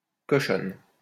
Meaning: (adjective) feminine singular of cochon; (noun) 1. female equivalent of cochon: sow (female pig) 2. slut (promiscuous, naughty, dirty woman)
- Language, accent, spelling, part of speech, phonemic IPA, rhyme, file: French, France, cochonne, adjective / noun, /kɔ.ʃɔn/, -ɔn, LL-Q150 (fra)-cochonne.wav